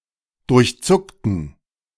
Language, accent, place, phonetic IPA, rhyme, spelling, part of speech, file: German, Germany, Berlin, [dʊʁçˈt͡sʊktn̩], -ʊktn̩, durchzuckten, adjective / verb, De-durchzuckten.ogg
- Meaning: inflection of durchzucken: 1. first/third-person plural preterite 2. first/third-person plural subjunctive II